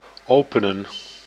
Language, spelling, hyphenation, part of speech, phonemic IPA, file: Dutch, openen, ope‧nen, verb, /ˈoːpənə(n)/, Nl-openen.ogg
- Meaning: to open